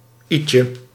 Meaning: somewhat, a little bit
- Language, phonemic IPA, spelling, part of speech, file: Dutch, /ˈitʃə/, ietsje, adverb, Nl-ietsje.ogg